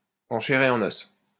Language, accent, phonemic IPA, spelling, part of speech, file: French, France, /ɑ̃ ʃɛ.ʁ‿e ɑ̃.n‿ɔs/, en chair et en os, prepositional phrase, LL-Q150 (fra)-en chair et en os.wav
- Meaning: in the flesh (with one's own body and presence)